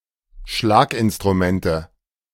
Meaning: nominative/accusative/genitive plural of Schlaginstrument
- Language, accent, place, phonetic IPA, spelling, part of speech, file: German, Germany, Berlin, [ˈʃlaːkʔɪnstʁuˌmɛntə], Schlaginstrumente, noun, De-Schlaginstrumente.ogg